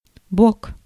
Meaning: side (various senses)
- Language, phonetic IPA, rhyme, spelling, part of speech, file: Russian, [bok], -ok, бок, noun, Ru-бок.ogg